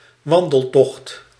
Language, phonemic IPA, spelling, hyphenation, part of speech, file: Dutch, /ˈʋɑn.dəlˌtɔxt/, wandeltocht, wan‧del‧tocht, noun, Nl-wandeltocht.ogg
- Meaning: hike, longer walking trip